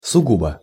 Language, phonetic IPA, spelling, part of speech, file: Russian, [sʊˈɡubə], сугубо, adverb, Ru-сугубо.ogg
- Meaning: strictly, purely